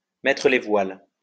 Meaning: 1. to set sail, to depart, to sail away, to sail off into the sunset 2. to go away, to leave
- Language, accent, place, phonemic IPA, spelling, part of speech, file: French, France, Lyon, /mɛ.tʁə le vwal/, mettre les voiles, verb, LL-Q150 (fra)-mettre les voiles.wav